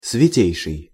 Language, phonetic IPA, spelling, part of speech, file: Russian, [svʲɪˈtʲejʂɨj], святейший, adjective, Ru-святейший.ogg
- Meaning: superlative degree of свято́й (svjatój)